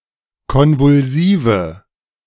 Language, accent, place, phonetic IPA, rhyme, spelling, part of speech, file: German, Germany, Berlin, [ˌkɔnvʊlˈziːvə], -iːvə, konvulsive, adjective, De-konvulsive.ogg
- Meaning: inflection of konvulsiv: 1. strong/mixed nominative/accusative feminine singular 2. strong nominative/accusative plural 3. weak nominative all-gender singular